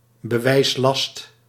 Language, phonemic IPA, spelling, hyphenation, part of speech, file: Dutch, /bəˈʋɛi̯sˌlɑst/, bewijslast, be‧wijs‧last, noun, Nl-bewijslast.ogg
- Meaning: burden of proof, onus